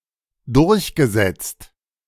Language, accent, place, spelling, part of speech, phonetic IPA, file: German, Germany, Berlin, durchgesetzt, verb, [ˈdʊʁçɡəˌzɛt͡st], De-durchgesetzt.ogg
- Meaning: past participle of durchsetzen